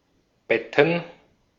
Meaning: plural of Bett
- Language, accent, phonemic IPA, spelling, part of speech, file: German, Austria, /ˈbɛtn̩/, Betten, noun, De-at-Betten.ogg